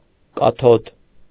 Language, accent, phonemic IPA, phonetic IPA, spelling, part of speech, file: Armenian, Eastern Armenian, /kɑˈtʰod/, [kɑtʰód], կաթոդ, noun, Hy-կաթոդ.ogg
- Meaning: cathode